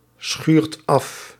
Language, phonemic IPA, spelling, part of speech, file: Dutch, /ˈsxyrt ˈɑf/, schuurt af, verb, Nl-schuurt af.ogg
- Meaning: inflection of afschuren: 1. second/third-person singular present indicative 2. plural imperative